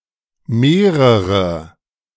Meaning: multiple, several; more than one; a number of
- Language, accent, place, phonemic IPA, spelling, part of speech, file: German, Germany, Berlin, /meːrərə/, mehrere, pronoun, De-mehrere.ogg